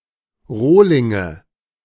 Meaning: nominative/accusative/genitive plural of Rohling
- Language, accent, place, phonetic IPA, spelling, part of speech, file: German, Germany, Berlin, [ˈʁoːlɪŋə], Rohlinge, noun, De-Rohlinge.ogg